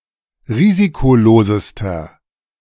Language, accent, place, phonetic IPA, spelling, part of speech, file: German, Germany, Berlin, [ˈʁiːzikoˌloːzəstɐ], risikolosester, adjective, De-risikolosester.ogg
- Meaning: inflection of risikolos: 1. strong/mixed nominative masculine singular superlative degree 2. strong genitive/dative feminine singular superlative degree 3. strong genitive plural superlative degree